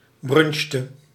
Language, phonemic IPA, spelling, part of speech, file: Dutch, /ˈbrʏnʃtə/, brunchte, verb, Nl-brunchte.ogg
- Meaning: inflection of brunchen: 1. singular past indicative 2. singular past subjunctive